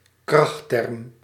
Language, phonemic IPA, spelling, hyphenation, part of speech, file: Dutch, /ˈkrɑx.tɛrm/, krachtterm, kracht‧term, noun, Nl-krachtterm.ogg
- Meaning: an expletive; a profane or abusive term, notably a curse, blasphemous or obscene oath